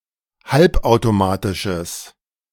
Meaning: strong/mixed nominative/accusative neuter singular of halbautomatisch
- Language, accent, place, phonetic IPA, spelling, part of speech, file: German, Germany, Berlin, [ˈhalpʔaʊ̯toˌmaːtɪʃəs], halbautomatisches, adjective, De-halbautomatisches.ogg